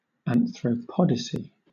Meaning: An attempt, or an argument attempting, to justify that human beings are fundamentally good despite the commission of evil acts by some people
- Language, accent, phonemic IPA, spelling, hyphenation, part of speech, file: English, Southern England, /ˌænθɹəʊˈpɒdɪsi/, anthropodicy, an‧thro‧po‧di‧cy, noun, LL-Q1860 (eng)-anthropodicy.wav